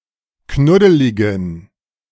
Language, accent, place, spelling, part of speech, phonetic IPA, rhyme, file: German, Germany, Berlin, knuddeligen, adjective, [ˈknʊdəlɪɡn̩], -ʊdəlɪɡn̩, De-knuddeligen.ogg
- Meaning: inflection of knuddelig: 1. strong genitive masculine/neuter singular 2. weak/mixed genitive/dative all-gender singular 3. strong/weak/mixed accusative masculine singular 4. strong dative plural